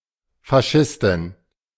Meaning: a female fascist
- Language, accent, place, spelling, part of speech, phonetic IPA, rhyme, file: German, Germany, Berlin, Faschistin, noun, [faˈʃɪstɪn], -ɪstɪn, De-Faschistin.ogg